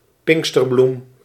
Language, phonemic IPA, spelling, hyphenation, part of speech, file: Dutch, /ˈpɪŋ(k).stərˌblum/, pinksterbloem, pink‧ster‧bloem, noun, Nl-pinksterbloem.ogg
- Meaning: 1. cuckooflower (Cardamine pratensis) 2. A girl who was processed around in lavish attire on Pentecost, similar to a May Queen